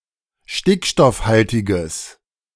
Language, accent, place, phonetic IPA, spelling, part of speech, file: German, Germany, Berlin, [ˈʃtɪkʃtɔfˌhaltɪɡəs], stickstoffhaltiges, adjective, De-stickstoffhaltiges.ogg
- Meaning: strong/mixed nominative/accusative neuter singular of stickstoffhaltig